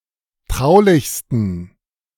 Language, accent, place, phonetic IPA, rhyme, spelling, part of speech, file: German, Germany, Berlin, [ˈtʁaʊ̯lɪçstn̩], -aʊ̯lɪçstn̩, traulichsten, adjective, De-traulichsten.ogg
- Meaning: 1. superlative degree of traulich 2. inflection of traulich: strong genitive masculine/neuter singular superlative degree